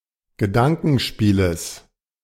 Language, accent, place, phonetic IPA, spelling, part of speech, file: German, Germany, Berlin, [ɡəˈdaŋkn̩ˌʃpiːləs], Gedankenspieles, noun, De-Gedankenspieles.ogg
- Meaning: genitive singular of Gedankenspiel